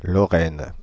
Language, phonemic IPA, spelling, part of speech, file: French, /lɔ.ʁɛn/, Lorraine, proper noun / noun, Fr-Lorraine.ogg
- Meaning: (proper noun) 1. Lorraine (a cultural region, former administrative region, and former duchy in eastern France; since 2016 part of the region of Grand Est region) 2. Lorraine (a region of France)